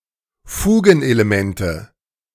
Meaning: nominative/accusative/genitive plural of Fugenelement
- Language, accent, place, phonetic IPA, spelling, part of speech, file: German, Germany, Berlin, [ˈfuːɡn̩ʔeleˌmɛntə], Fugenelemente, noun, De-Fugenelemente.ogg